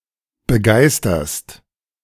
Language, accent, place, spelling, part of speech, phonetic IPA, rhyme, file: German, Germany, Berlin, begeisterst, verb, [bəˈɡaɪ̯stɐst], -aɪ̯stɐst, De-begeisterst.ogg
- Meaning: second-person singular present of begeistern